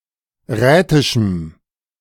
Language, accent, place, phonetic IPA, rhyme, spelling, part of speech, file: German, Germany, Berlin, [ˈʁɛːtɪʃm̩], -ɛːtɪʃm̩, rätischem, adjective, De-rätischem.ogg
- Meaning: strong dative masculine/neuter singular of rätisch